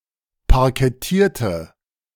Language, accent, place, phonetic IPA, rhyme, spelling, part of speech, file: German, Germany, Berlin, [paʁkɛˈtiːɐ̯tə], -iːɐ̯tə, parkettierte, adjective / verb, De-parkettierte.ogg
- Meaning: inflection of parkettieren: 1. first/third-person singular preterite 2. first/third-person singular subjunctive II